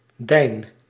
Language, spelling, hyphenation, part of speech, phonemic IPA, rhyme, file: Dutch, dijn, dijn, determiner, /dɛi̯n/, -ɛi̯n, Nl-dijn.ogg
- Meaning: your, thy